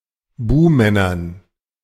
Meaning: dative plural of Buhmann
- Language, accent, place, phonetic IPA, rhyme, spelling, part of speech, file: German, Germany, Berlin, [ˈbuːmɛnɐn], -uːmɛnɐn, Buhmännern, noun, De-Buhmännern.ogg